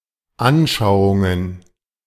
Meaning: plural of Anschauung
- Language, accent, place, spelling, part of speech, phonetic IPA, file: German, Germany, Berlin, Anschauungen, noun, [ˈʔanʃaʊ̯ʊŋən], De-Anschauungen.ogg